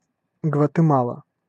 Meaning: 1. Guatemala (a country in northern Central America) 2. Guatemala City (the capital city of Guatemala)
- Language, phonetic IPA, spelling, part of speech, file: Russian, [ɡvətɨˈmaɫə], Гватемала, proper noun, Ru-Гватемала.ogg